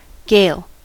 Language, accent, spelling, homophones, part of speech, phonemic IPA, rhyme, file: English, US, gale, Gail, verb / noun, /ɡeɪl/, -eɪl, En-us-gale.ogg
- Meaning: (verb) 1. To cry; groan; croak 2. To talk 3. To sing; utter with musical modulations